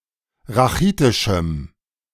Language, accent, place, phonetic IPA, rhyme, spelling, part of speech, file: German, Germany, Berlin, [ʁaˈxiːtɪʃm̩], -iːtɪʃm̩, rachitischem, adjective, De-rachitischem.ogg
- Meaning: strong dative masculine/neuter singular of rachitisch